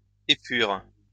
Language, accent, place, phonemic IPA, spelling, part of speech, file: French, France, Lyon, /e.pyʁ/, épure, noun / verb, LL-Q150 (fra)-épure.wav
- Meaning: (noun) 1. blueprint, working drawing 2. two-dimensional representation to scale of a three-dimensional object 3. sketch, basic outlines (of a work of literature, of a system of thought, etc.)